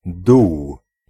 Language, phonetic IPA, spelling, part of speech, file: Polish, [duw], dół, noun, Pl-dół.ogg